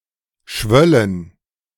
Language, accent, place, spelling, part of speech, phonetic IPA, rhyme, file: German, Germany, Berlin, schwöllen, verb, [ˈʃvœlən], -œlən, De-schwöllen.ogg
- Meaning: first-person plural subjunctive II of schwellen